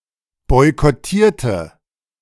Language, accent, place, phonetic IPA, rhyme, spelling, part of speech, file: German, Germany, Berlin, [ˌbɔɪ̯kɔˈtiːɐ̯tə], -iːɐ̯tə, boykottierte, adjective / verb, De-boykottierte.ogg
- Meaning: inflection of boykottieren: 1. first/third-person singular preterite 2. first/third-person singular subjunctive II